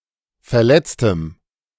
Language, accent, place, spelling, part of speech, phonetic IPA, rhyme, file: German, Germany, Berlin, verletztem, adjective, [fɛɐ̯ˈlɛt͡stəm], -ɛt͡stəm, De-verletztem.ogg
- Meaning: strong dative masculine/neuter singular of verletzt